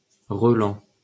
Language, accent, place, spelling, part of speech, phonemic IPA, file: French, France, Paris, relent, noun, /ʁə.lɑ̃/, LL-Q150 (fra)-relent.wav
- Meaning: 1. lingering smell (usually bad); stench 2. overtone